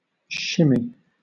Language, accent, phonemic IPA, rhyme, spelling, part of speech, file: English, Southern England, /ˈʃɪ.mi/, -ɪmi, shimmy, noun / verb, LL-Q1860 (eng)-shimmy.wav
- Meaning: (noun) 1. A dance move involving thrusting the shoulders back and forth alternately 2. A dance that was popular in the 1920s 3. An abnormal vibration, especially in the wheels of a vehicle